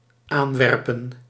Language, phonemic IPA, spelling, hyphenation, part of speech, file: Dutch, /ˈaːnˌʋɛr.pən/, aanwerpen, aan‧wer‧pen, verb, Nl-aanwerpen.ogg
- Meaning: to throw (to)